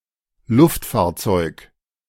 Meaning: aircraft
- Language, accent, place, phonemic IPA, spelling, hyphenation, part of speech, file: German, Germany, Berlin, /ˈlʊftfaːɐ̯ˌt͡sɔɪ̯k/, Luftfahrzeug, Luft‧fahr‧zeug, noun, De-Luftfahrzeug.ogg